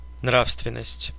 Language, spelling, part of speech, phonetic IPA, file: Russian, нравственность, noun, [ˈnrafstvʲɪn(ː)əsʲtʲ], Ru-нра́вственность.ogg
- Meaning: morals, morality